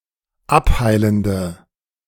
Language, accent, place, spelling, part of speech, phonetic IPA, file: German, Germany, Berlin, abheilende, adjective, [ˈapˌhaɪ̯ləndə], De-abheilende.ogg
- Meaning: inflection of abheilend: 1. strong/mixed nominative/accusative feminine singular 2. strong nominative/accusative plural 3. weak nominative all-gender singular